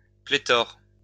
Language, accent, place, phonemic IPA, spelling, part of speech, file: French, France, Lyon, /ple.tɔʁ/, pléthore, noun, LL-Q150 (fra)-pléthore.wav
- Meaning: plethora